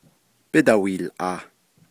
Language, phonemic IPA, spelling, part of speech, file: Navajo, /pɪ́tɑ̀hʷìːlʼɑ̀ːh/, bídahwiilʼaah, verb, Nv-bídahwiilʼaah.ogg
- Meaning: first-person plural imperfective of yíhoołʼaah